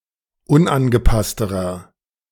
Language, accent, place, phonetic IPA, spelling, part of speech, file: German, Germany, Berlin, [ˈʊnʔanɡəˌpastəʁɐ], unangepassterer, adjective, De-unangepassterer.ogg
- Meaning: inflection of unangepasst: 1. strong/mixed nominative masculine singular comparative degree 2. strong genitive/dative feminine singular comparative degree 3. strong genitive plural comparative degree